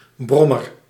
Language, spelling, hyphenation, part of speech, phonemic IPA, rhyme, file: Dutch, brommer, brom‧mer, noun, /ˈbrɔmər/, -ɔmər, Nl-brommer.ogg
- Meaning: 1. moped (low-powered motorcycle) 2. one who hums, buzzes, drones 3. infertile cow 4. coach taxi drawn by one horse